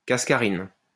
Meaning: cascaroside
- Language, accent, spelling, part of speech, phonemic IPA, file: French, France, cascarine, noun, /kas.ka.ʁin/, LL-Q150 (fra)-cascarine.wav